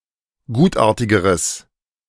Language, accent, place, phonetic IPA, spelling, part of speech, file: German, Germany, Berlin, [ˈɡuːtˌʔaːɐ̯tɪɡəʁəs], gutartigeres, adjective, De-gutartigeres.ogg
- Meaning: strong/mixed nominative/accusative neuter singular comparative degree of gutartig